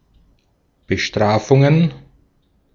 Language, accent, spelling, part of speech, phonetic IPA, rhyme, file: German, Austria, Bestrafungen, noun, [bəˈʃtʁaːfʊŋən], -aːfʊŋən, De-at-Bestrafungen.ogg
- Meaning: plural of Bestrafung